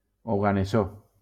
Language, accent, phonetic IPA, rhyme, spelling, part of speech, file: Catalan, Valencia, [o.ɣa.neˈso], -o, oganessó, noun, LL-Q7026 (cat)-oganessó.wav
- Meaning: oganesson